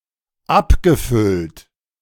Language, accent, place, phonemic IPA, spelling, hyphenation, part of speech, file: German, Germany, Berlin, /ˈʔapɡəfʏlt/, abgefüllt, ab‧ge‧füllt, verb / adjective, De-abgefüllt.ogg
- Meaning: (verb) past participle of abfüllen; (adjective) 1. bottled 2. filled (up)